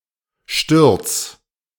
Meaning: 1. singular imperative of stürzen 2. first-person singular present of stürzen
- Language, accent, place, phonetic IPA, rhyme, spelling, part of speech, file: German, Germany, Berlin, [ʃtʏʁt͡s], -ʏʁt͡s, stürz, verb, De-stürz.ogg